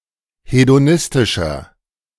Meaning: 1. comparative degree of hedonistisch 2. inflection of hedonistisch: strong/mixed nominative masculine singular 3. inflection of hedonistisch: strong genitive/dative feminine singular
- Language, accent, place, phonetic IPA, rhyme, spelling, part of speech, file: German, Germany, Berlin, [hedoˈnɪstɪʃɐ], -ɪstɪʃɐ, hedonistischer, adjective, De-hedonistischer.ogg